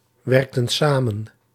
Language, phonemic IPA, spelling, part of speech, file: Dutch, /ˈwɛrᵊktə(n) ˈsamə(n)/, werkten samen, verb, Nl-werkten samen.ogg
- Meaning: inflection of samenwerken: 1. plural past indicative 2. plural past subjunctive